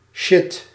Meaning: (interjection) shit, darn; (noun) 1. stuff, shit 2. shit, garbage, trash, of low quality 3. trouble 4. kind of soft drug
- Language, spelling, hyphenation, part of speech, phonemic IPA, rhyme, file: Dutch, shit, shit, interjection / noun, /ʃɪt/, -ɪt, Nl-shit.ogg